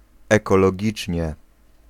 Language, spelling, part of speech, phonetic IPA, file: Polish, ekologicznie, adverb, [ˌɛkɔlɔˈɟit͡ʃʲɲɛ], Pl-ekologicznie.ogg